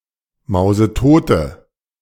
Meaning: inflection of mausetot: 1. strong/mixed nominative/accusative feminine singular 2. strong nominative/accusative plural 3. weak nominative all-gender singular
- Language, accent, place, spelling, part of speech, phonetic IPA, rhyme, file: German, Germany, Berlin, mausetote, adjective, [ˌmaʊ̯zəˈtoːtə], -oːtə, De-mausetote.ogg